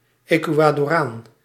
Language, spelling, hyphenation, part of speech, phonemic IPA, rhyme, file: Dutch, Ecuadoraan, Ecua‧do‧raan, noun, /ˌeː.kʋaː.dɔˈraːn/, -aːn, Nl-Ecuadoraan.ogg
- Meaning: Ecuadorian (person from Ecuador)